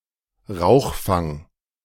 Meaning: 1. chimney 2. flue, chimney hood
- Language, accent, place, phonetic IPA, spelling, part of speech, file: German, Germany, Berlin, [ˈʁaʊ̯xˌfaŋ], Rauchfang, noun, De-Rauchfang.ogg